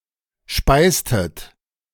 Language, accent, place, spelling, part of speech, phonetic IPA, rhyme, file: German, Germany, Berlin, speistet, verb, [ˈʃpaɪ̯stət], -aɪ̯stət, De-speistet.ogg
- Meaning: inflection of speisen: 1. second-person plural preterite 2. second-person plural subjunctive II